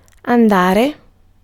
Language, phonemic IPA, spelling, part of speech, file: Italian, /anˈda.re/, andare, noun / verb, It-andare.ogg